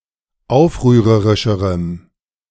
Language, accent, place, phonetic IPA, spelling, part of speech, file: German, Germany, Berlin, [ˈaʊ̯fʁyːʁəʁɪʃəʁəm], aufrührerischerem, adjective, De-aufrührerischerem.ogg
- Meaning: strong dative masculine/neuter singular comparative degree of aufrührerisch